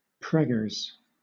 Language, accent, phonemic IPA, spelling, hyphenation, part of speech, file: English, Southern England, /ˈpɹɛ.ɡəs/, preggers, preg‧gers, adjective, LL-Q1860 (eng)-preggers.wav
- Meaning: Pregnant; carrying developing offspring within one's body